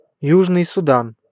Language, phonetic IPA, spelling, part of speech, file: Russian, [ˈjuʐnɨj sʊˈdan], Южный Судан, proper noun, Ru-Южный Судан.ogg
- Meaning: South Sudan (a country in Africa)